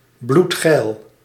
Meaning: horny as hell, pointedly sexually aroused
- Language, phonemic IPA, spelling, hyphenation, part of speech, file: Dutch, /blutˈxɛi̯l/, bloedgeil, bloed‧geil, adjective, Nl-bloedgeil.ogg